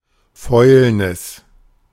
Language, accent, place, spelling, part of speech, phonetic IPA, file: German, Germany, Berlin, Fäulnis, noun, [ˈfɔɪ̯lnɪs], De-Fäulnis.ogg
- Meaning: 1. rot 2. decay 3. decadence